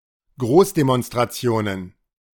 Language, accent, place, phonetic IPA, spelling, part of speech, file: German, Germany, Berlin, [ˈɡʁoːsdemɔnstʁaˌt͡si̯oːnən], Großdemonstrationen, noun, De-Großdemonstrationen.ogg
- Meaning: plural of Großdemonstration